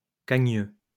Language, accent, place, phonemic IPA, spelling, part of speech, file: French, France, Lyon, /ka.ɲø/, cagneux, adjective, LL-Q150 (fra)-cagneux.wav
- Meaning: knock-kneed (having the knees abnormally close together)